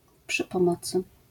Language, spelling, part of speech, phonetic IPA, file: Polish, przy pomocy, prepositional phrase, [ˌpʃɨ‿pɔ̃ˈmɔt͡sɨ], LL-Q809 (pol)-przy pomocy.wav